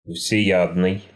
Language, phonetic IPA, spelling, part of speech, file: Russian, [fsʲɪˈjadnɨj], всеядный, adjective, Ru-всеядный.ogg
- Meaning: 1. omnivorous 2. indiscriminate, undiscerning (of tastes, interests)